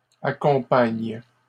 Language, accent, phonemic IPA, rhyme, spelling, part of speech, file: French, Canada, /a.kɔ̃.paɲ/, -aɲ, accompagnent, verb, LL-Q150 (fra)-accompagnent.wav
- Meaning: third-person plural present indicative/subjunctive of accompagner